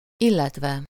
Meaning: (verb) adverbial participle of illet; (conjunction) or, (occasionally) and (as the case may be, depending on the specific circumstances)
- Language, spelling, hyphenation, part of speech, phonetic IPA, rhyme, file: Hungarian, illetve, il‧let‧ve, verb / conjunction, [ˈilːɛtvɛ], -vɛ, Hu-illetve.ogg